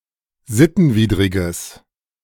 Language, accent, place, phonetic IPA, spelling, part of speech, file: German, Germany, Berlin, [ˈzɪtn̩ˌviːdʁɪɡəs], sittenwidriges, adjective, De-sittenwidriges.ogg
- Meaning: strong/mixed nominative/accusative neuter singular of sittenwidrig